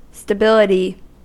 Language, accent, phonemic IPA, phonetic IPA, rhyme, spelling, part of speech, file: English, US, /stəˈbɪlɪti/, [stəˈbɪlɪɾi], -ɪlɪti, stability, noun, En-us-stability.ogg
- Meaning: 1. The condition of being stable or in equilibrium, and thus resistant to change 2. The tendency to recover from perturbations